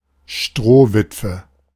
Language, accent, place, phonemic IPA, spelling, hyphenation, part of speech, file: German, Germany, Berlin, /ˈʃtʁoːvɪtvə/, Strohwitwe, Stroh‧wit‧we, noun, De-Strohwitwe.ogg
- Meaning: grass widow (married woman whose spouse is away)